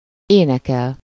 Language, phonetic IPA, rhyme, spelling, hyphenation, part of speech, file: Hungarian, [ˈeːnɛkɛl], -ɛl, énekel, én‧e‧kel, verb, Hu-énekel.ogg
- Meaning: to sing